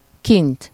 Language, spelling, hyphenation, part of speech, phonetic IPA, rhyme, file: Hungarian, kint, kint, adverb, [ˈkint], -int, Hu-kint.ogg
- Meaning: outside (outdoors)